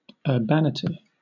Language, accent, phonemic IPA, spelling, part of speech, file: English, Southern England, /əːˈbæn.ɪ.ti/, urbanity, noun, LL-Q1860 (eng)-urbanity.wav
- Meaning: 1. Behaviour that is polished, refined, courteous 2. Urbanness